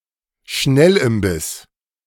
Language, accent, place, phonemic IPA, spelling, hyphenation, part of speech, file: German, Germany, Berlin, /ˈʃnɛlʔɪmˌbɪs/, Schnellimbiss, Schnell‧im‧biss, noun, De-Schnellimbiss.ogg
- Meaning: snack bar